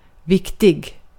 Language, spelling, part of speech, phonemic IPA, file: Swedish, viktig, adjective, /²vɪktɪ(ɡ)/, Sv-viktig.ogg
- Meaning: 1. important 2. pompous; self-important (compare obsolete English sense of important)